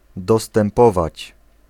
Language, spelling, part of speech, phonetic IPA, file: Polish, dostępować, verb, [ˌdɔstɛ̃mˈpɔvat͡ɕ], Pl-dostępować.ogg